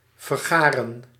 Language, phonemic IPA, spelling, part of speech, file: Dutch, /vərˈɣaːrə(n)/, vergaren, verb, Nl-vergaren.ogg
- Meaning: to gather, collect